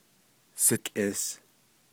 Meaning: 1. my older brother, my older sister (of the same sex as me) 2. my older maternal cousin (of the same sex as me) 3. my friend (chiefly of the same sex as me)
- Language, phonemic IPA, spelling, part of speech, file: Navajo, /sɪ̀kʼɪ̀s/, sikʼis, noun, Nv-sikʼis.ogg